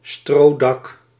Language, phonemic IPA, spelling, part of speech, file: Dutch, /ˈstroːdɑk/, strodak, noun, Nl-strodak.ogg
- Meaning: roof thatched with straw